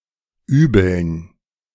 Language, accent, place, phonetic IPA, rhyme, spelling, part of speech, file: German, Germany, Berlin, [ˈyːbl̩n], -yːbl̩n, Übeln, noun, De-Übeln.ogg
- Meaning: dative plural of Übel